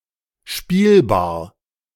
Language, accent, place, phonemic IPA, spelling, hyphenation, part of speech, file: German, Germany, Berlin, /ˈʃpiːlbaːɐ̯/, spielbar, spiel‧bar, adjective, De-spielbar.ogg
- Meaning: playable